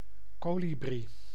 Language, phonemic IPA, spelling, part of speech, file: Dutch, /ˈkoː.li.bri/, kolibrie, noun, Nl-kolibrie.ogg
- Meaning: hummingbird